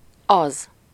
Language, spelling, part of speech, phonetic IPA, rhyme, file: Hungarian, az, article / pronoun / determiner, [ˈɒz], -ɒz, Hu-az.ogg
- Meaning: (article) the (for words beginning with a vowel); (pronoun) that